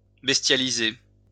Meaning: to bestialize
- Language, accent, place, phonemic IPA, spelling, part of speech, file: French, France, Lyon, /bɛs.tja.li.ze/, bestialiser, verb, LL-Q150 (fra)-bestialiser.wav